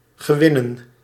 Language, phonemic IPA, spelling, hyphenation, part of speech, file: Dutch, /ɣəˈwɪnə(n)/, gewinnen, ge‧win‧nen, verb / noun, Nl-gewinnen.ogg
- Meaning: to acquire: 1. to acquire as the result of a struggle or contest 2. to beget